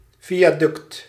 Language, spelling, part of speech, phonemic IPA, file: Dutch, viaduct, noun, /ˈvijaˌdʏkt/, Nl-viaduct.ogg
- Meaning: viaduct